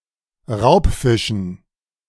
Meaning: dative plural of Raubfisch
- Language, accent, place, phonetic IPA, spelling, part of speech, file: German, Germany, Berlin, [ˈʁaʊ̯pˌfɪʃn̩], Raubfischen, noun, De-Raubfischen.ogg